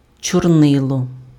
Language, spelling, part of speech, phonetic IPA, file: Ukrainian, чорнило, noun, [t͡ʃɔrˈnɪɫɔ], Uk-чорнило.ogg
- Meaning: ink (coloured fluid used for writing)